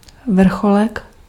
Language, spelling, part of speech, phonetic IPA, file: Czech, vrcholek, noun, [ˈvr̩xolɛk], Cs-vrcholek.ogg
- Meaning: 1. peak (mountain top) 2. diminutive of vrchol